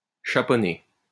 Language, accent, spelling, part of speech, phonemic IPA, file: French, France, chaponner, verb, /ʃa.pɔ.ne/, LL-Q150 (fra)-chaponner.wav
- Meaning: 1. to caponize, castrate (a cockerel) 2. to castrate 3. to cut (the ears, etc.) off (of a hide, as part of tanning it)